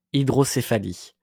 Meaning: hydrocephalus (skull enlargement due to fluid)
- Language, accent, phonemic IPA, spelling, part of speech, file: French, France, /i.dʁɔ.se.fa.li/, hydrocéphalie, noun, LL-Q150 (fra)-hydrocéphalie.wav